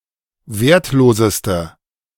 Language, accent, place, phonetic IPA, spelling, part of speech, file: German, Germany, Berlin, [ˈveːɐ̯tˌloːzəstə], wertloseste, adjective, De-wertloseste.ogg
- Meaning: inflection of wertlos: 1. strong/mixed nominative/accusative feminine singular superlative degree 2. strong nominative/accusative plural superlative degree